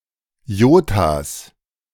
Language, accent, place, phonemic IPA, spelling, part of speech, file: German, Germany, Berlin, /ˈjoːtas/, Jotas, noun, De-Jotas.ogg
- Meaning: 1. plural of Jota 2. genitive singular of Jota